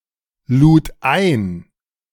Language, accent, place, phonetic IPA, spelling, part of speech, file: German, Germany, Berlin, [ˌluːt ˈaɪ̯n], lud ein, verb, De-lud ein.ogg
- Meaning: first/third-person singular preterite of einladen